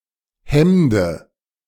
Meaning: dative singular of Hemd
- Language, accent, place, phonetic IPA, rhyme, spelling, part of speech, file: German, Germany, Berlin, [ˈhɛmdə], -ɛmdə, Hemde, noun, De-Hemde.ogg